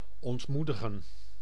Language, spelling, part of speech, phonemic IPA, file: Dutch, ontmoedigen, verb, /ˌɔntˈmu.də.ɣə(n)/, Nl-ontmoedigen.ogg
- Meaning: discourage (to take away or reduce the willingness)